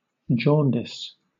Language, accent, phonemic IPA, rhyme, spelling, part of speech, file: English, Southern England, /ˈd͡ʒɔːndɪs/, -ɔːndɪs, jaundice, noun / verb, LL-Q1860 (eng)-jaundice.wav
- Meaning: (noun) 1. A morbid condition, characterized by yellowness of the eyes, skin, and urine 2. A feeling of bitterness, resentment or jealousy